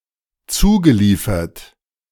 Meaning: past participle of zuliefern
- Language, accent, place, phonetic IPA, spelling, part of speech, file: German, Germany, Berlin, [ˈt͡suːɡəˌliːfɐt], zugeliefert, verb, De-zugeliefert.ogg